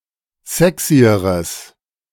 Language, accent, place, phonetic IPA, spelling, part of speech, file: German, Germany, Berlin, [ˈzɛksiəʁəs], sexyeres, adjective, De-sexyeres.ogg
- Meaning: strong/mixed nominative/accusative neuter singular comparative degree of sexy